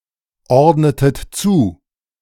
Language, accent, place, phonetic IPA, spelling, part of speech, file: German, Germany, Berlin, [ˌɔʁdnətət ˈt͡suː], ordnetet zu, verb, De-ordnetet zu.ogg
- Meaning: inflection of zuordnen: 1. second-person plural preterite 2. second-person plural subjunctive II